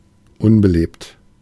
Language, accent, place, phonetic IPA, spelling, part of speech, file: German, Germany, Berlin, [ˈʔʊnbəˌleːpt], unbelebt, adjective, De-unbelebt.ogg
- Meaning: 1. anorganic, inanimate, lifeless; empty, deserted, uninhabited, unpopulated 2. inanimate